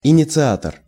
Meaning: initiator (one who initiates)
- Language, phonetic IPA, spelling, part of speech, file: Russian, [ɪnʲɪt͡sɨˈatər], инициатор, noun, Ru-инициатор.ogg